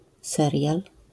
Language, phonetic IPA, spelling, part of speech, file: Polish, [ˈsɛrʲjal], serial, noun, LL-Q809 (pol)-serial.wav